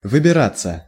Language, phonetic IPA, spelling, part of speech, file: Russian, [vɨbʲɪˈrat͡sːə], выбираться, verb, Ru-выбираться.ogg
- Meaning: 1. to get out 2. passive of выбира́ть (vybirátʹ)